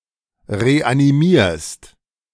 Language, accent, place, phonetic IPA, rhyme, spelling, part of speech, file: German, Germany, Berlin, [ʁeʔaniˈmiːɐ̯st], -iːɐ̯st, reanimierst, verb, De-reanimierst.ogg
- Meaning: second-person singular present of reanimieren